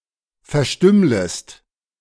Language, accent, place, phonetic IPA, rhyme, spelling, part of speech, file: German, Germany, Berlin, [fɛɐ̯ˈʃtʏmləst], -ʏmləst, verstümmlest, verb, De-verstümmlest.ogg
- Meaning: second-person singular subjunctive I of verstümmeln